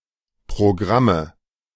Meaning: nominative/accusative/genitive plural of Programm "programs"
- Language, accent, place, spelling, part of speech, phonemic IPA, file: German, Germany, Berlin, Programme, noun, /pʁoˈɡʁamə/, De-Programme.ogg